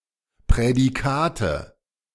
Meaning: nominative/accusative/genitive plural of Prädikat
- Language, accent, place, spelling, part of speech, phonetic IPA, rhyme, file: German, Germany, Berlin, Prädikate, noun, [pʁɛdiˈkaːtə], -aːtə, De-Prädikate.ogg